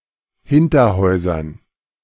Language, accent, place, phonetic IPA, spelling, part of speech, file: German, Germany, Berlin, [ˈhɪntɐˌhɔɪ̯zɐn], Hinterhäusern, noun, De-Hinterhäusern.ogg
- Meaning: dative plural of Hinterhaus